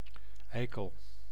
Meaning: 1. acorn 2. glans penis 3. jerk, arse, prick
- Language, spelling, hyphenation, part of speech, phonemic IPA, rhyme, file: Dutch, eikel, ei‧kel, noun, /ˈɛi̯.kəl/, -ɛi̯kəl, Nl-eikel.ogg